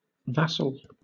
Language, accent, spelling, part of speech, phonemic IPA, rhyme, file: English, Southern England, vassal, noun / adjective / verb, /ˈvæsəl/, -æsəl, LL-Q1860 (eng)-vassal.wav
- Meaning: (noun) The grantee of a fief, a subordinate granted use of a superior's land and its income in exchange for vows of fidelity and homage and (typically) military service